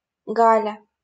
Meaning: a diminutive, Galya, of the female given name Гали́на (Galína)
- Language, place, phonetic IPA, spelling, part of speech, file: Russian, Saint Petersburg, [ˈɡalʲə], Галя, proper noun, LL-Q7737 (rus)-Галя.wav